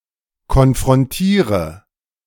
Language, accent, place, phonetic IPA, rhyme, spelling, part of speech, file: German, Germany, Berlin, [kɔnfʁɔnˈtiːʁə], -iːʁə, konfrontiere, verb, De-konfrontiere.ogg
- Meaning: inflection of konfrontieren: 1. first-person singular present 2. first/third-person singular subjunctive I 3. singular imperative